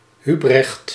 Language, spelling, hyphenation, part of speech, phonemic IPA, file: Dutch, Hubrecht, Hu‧brecht, proper noun, /ˈɦy.brɛxt/, Nl-Hubrecht.ogg
- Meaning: a male given name